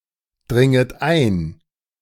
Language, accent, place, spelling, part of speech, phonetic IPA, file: German, Germany, Berlin, dringet ein, verb, [ˌdʁɪŋət ˈaɪ̯n], De-dringet ein.ogg
- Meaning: second-person plural subjunctive I of eindringen